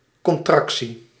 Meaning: contraction
- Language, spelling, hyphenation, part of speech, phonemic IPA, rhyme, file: Dutch, contractie, con‧trac‧tie, noun, /ˌkɔnˈtrɑk.si/, -ɑksi, Nl-contractie.ogg